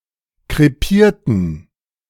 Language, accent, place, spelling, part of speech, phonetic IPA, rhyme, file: German, Germany, Berlin, krepierten, adjective / verb, [kʁeˈpiːɐ̯tn̩], -iːɐ̯tn̩, De-krepierten.ogg
- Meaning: inflection of krepieren: 1. first/third-person plural preterite 2. first/third-person plural subjunctive II